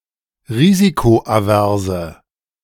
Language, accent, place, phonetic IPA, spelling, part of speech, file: German, Germany, Berlin, [ˈʁiːzikoʔaˌvɛʁzə], risikoaverse, adjective, De-risikoaverse.ogg
- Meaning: inflection of risikoavers: 1. strong/mixed nominative/accusative feminine singular 2. strong nominative/accusative plural 3. weak nominative all-gender singular